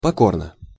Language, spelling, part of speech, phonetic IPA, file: Russian, покорно, adverb / adjective, [pɐˈkornə], Ru-покорно.ogg
- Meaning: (adverb) humbly, submissively, obediently; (adjective) short neuter singular of поко́рный (pokórnyj)